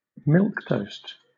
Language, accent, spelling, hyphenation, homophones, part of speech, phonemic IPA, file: English, Southern England, milquetoast, milque‧toast, milk toast, adjective / noun, /ˈmɪlk.təʊ̯st/, LL-Q1860 (eng)-milquetoast.wav
- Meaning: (adjective) Meek, timid; lacking character or effectiveness; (noun) A person of meek or timid disposition; a person who lacks character or effectiveness